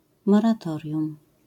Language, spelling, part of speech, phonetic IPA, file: Polish, moratorium, noun, [ˌmɔraˈtɔrʲjũm], LL-Q809 (pol)-moratorium.wav